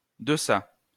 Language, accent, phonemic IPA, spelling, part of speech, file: French, France, /də.sa/, deçà, adverb, LL-Q150 (fra)-deçà.wav
- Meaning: over here, on this side